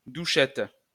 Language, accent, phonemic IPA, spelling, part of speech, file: French, France, /du.ʃɛt/, douchette, noun, LL-Q150 (fra)-douchette.wav
- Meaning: 1. a shower head 2. a barcode reader